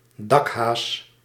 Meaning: cat, often when a cat is referenced as food; roof rabbit
- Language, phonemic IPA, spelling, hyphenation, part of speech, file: Dutch, /ˈdɑk.ɦaːs/, dakhaas, dak‧haas, noun, Nl-dakhaas.ogg